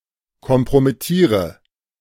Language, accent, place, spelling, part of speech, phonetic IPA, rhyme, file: German, Germany, Berlin, kompromittiere, verb, [kɔmpʁomɪˈtiːʁə], -iːʁə, De-kompromittiere.ogg
- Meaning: inflection of kompromittieren: 1. first-person singular present 2. singular imperative 3. first/third-person singular subjunctive I